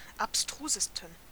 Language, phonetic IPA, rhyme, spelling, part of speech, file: German, [apˈstʁuːzəstn̩], -uːzəstn̩, abstrusesten, adjective, De-abstrusesten.ogg
- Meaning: 1. superlative degree of abstrus 2. inflection of abstrus: strong genitive masculine/neuter singular superlative degree